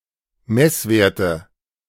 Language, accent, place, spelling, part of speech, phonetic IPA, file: German, Germany, Berlin, Messwerte, noun, [ˈmɛsˌveːɐ̯tə], De-Messwerte.ogg
- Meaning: nominative/accusative/genitive plural of Messwert